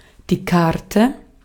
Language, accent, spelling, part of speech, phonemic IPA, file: German, Austria, Karte, noun, /ˈkartə/, De-at-Karte.ogg
- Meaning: 1. card (flat, normally rectangular piece of stiff paper, plastic etc.) 2. ellipsis of Spielkarte: playing card 3. ellipsis of Landkarte: map 4. ellipsis of Speisekarte: menu